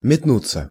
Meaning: 1. to toss, to dash 2. passive of метну́ть (metnútʹ)
- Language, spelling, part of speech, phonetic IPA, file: Russian, метнуться, verb, [mʲɪtˈnut͡sːə], Ru-метнуться.ogg